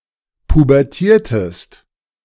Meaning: inflection of pubertieren: 1. second-person singular preterite 2. second-person singular subjunctive II
- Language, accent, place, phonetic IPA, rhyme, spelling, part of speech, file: German, Germany, Berlin, [pubɛʁˈtiːɐ̯təst], -iːɐ̯təst, pubertiertest, verb, De-pubertiertest.ogg